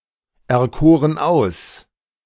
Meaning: first/third-person plural preterite of auserkiesen
- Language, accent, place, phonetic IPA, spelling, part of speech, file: German, Germany, Berlin, [ɛɐ̯ˌkoːʁən ˈaʊ̯s], erkoren aus, verb, De-erkoren aus.ogg